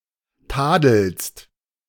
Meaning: second-person singular present of tadeln
- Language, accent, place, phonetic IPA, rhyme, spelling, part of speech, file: German, Germany, Berlin, [ˈtaːdl̩st], -aːdl̩st, tadelst, verb, De-tadelst.ogg